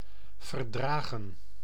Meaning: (verb) 1. to tolerate 2. to endure, bear 3. past participle of verdragen; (noun) plural of verdrag
- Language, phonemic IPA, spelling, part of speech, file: Dutch, /vərˈdraːɣə(n)/, verdragen, verb / noun, Nl-verdragen.ogg